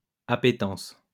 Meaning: appetence
- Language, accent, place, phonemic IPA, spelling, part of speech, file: French, France, Lyon, /a.pe.tɑ̃s/, appétence, noun, LL-Q150 (fra)-appétence.wav